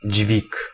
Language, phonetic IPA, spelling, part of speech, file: Polish, [d͡ʑvʲik], dźwig, noun, Pl-dźwig.ogg